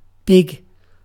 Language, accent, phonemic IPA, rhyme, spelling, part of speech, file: English, UK, /bɪɡ/, -ɪɡ, big, adjective / adverb / noun / verb, En-uk-big.ogg
- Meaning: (adjective) 1. Of great size, large 2. Of great size, large.: Fat 3. Large with young; pregnant; swelling; ready to give birth or produce